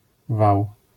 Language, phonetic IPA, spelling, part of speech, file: Polish, [vaw], wał, noun, LL-Q809 (pol)-wał.wav